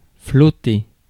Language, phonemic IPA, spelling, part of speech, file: French, /flɔ.te/, flotter, verb, Fr-flotter.ogg
- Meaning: 1. to float 2. to flutter, to wave 3. to mill about